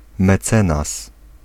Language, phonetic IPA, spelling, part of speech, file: Polish, [mɛˈt͡sɛ̃nas], mecenas, noun, Pl-mecenas.ogg